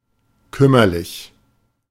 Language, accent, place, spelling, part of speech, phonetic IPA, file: German, Germany, Berlin, kümmerlich, adjective, [ˈkʏmɐlɪç], De-kümmerlich.ogg
- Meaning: 1. miserable 2. meager 3. puny